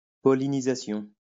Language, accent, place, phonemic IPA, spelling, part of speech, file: French, France, Lyon, /pɔ.li.ni.za.sjɔ̃/, pollinisation, noun, LL-Q150 (fra)-pollinisation.wav
- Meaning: pollination